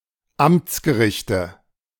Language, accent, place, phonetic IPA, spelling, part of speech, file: German, Germany, Berlin, [ˈamt͡sɡəˌʁɪçtə], Amtsgerichte, noun, De-Amtsgerichte.ogg
- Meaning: nominative/accusative/genitive plural of Amtsgericht